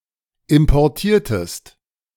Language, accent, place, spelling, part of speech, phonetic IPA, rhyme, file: German, Germany, Berlin, importiertest, verb, [ɪmpɔʁˈtiːɐ̯təst], -iːɐ̯təst, De-importiertest.ogg
- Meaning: inflection of importieren: 1. second-person singular preterite 2. second-person singular subjunctive II